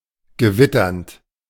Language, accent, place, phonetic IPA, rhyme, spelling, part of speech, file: German, Germany, Berlin, [ɡəˈvɪtɐnt], -ɪtɐnt, gewitternd, verb, De-gewitternd.ogg
- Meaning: present participle of gewittern